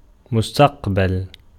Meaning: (noun) 1. future 2. future tense; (adjective) passive participle of اِسْتَقْبَلَ (istaqbala)
- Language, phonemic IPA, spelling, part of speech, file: Arabic, /mus.taq.bal/, مستقبل, noun / adjective, Ar-مستقبل.ogg